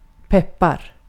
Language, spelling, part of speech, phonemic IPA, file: Swedish, peppar, noun / verb, /ˈpɛpːar/, Sv-peppar.ogg
- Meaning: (noun) pepper (spice); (verb) present indicative of peppa